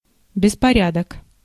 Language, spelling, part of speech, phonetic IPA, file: Russian, беспорядок, noun, [bʲɪspɐˈrʲadək], Ru-беспорядок.ogg
- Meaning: 1. disorder 2. confusion 3. disarray 4. untidiness 5. mess